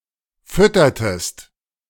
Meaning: inflection of füttern: 1. second-person singular preterite 2. second-person singular subjunctive II
- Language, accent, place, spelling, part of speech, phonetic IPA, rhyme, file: German, Germany, Berlin, füttertest, verb, [ˈfʏtɐtəst], -ʏtɐtəst, De-füttertest.ogg